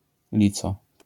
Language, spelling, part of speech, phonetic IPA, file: Polish, lico, noun, [ˈlʲit͡sɔ], LL-Q809 (pol)-lico.wav